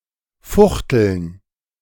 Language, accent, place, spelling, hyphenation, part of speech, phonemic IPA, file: German, Germany, Berlin, fuchteln, fuch‧teln, verb, /ˈfʊxtl̩n/, De-fuchteln.ogg
- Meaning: 1. to wave about 2. to hit with a broadsword